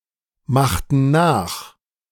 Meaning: inflection of nachmachen: 1. first/third-person plural preterite 2. first/third-person plural subjunctive II
- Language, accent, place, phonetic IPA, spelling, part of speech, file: German, Germany, Berlin, [ˌmaxtn̩ ˈnaːx], machten nach, verb, De-machten nach.ogg